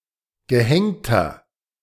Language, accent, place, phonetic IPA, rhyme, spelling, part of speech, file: German, Germany, Berlin, [ɡəˈhɛŋtɐ], -ɛŋtɐ, gehängter, adjective, De-gehängter.ogg
- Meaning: inflection of gehängt: 1. strong/mixed nominative masculine singular 2. strong genitive/dative feminine singular 3. strong genitive plural